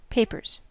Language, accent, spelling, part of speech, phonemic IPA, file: English, US, papers, noun / verb, /ˈpeɪpɚz/, En-us-papers.ogg
- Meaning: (noun) 1. plural of paper 2. Official documents or identification, as a passport 3. A collection of documents, unpublished writing or correspondence in an archive or library collection